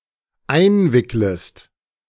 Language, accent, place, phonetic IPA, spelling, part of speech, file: German, Germany, Berlin, [ˈaɪ̯nˌvɪkləst], einwicklest, verb, De-einwicklest.ogg
- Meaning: second-person singular dependent subjunctive I of einwickeln